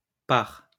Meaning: inflection of parer: 1. first/third-person singular present indicative/subjunctive 2. second-person singular imperative
- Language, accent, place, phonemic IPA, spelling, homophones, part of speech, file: French, France, Lyon, /paʁ/, pare, parent / pares, verb, LL-Q150 (fra)-pare.wav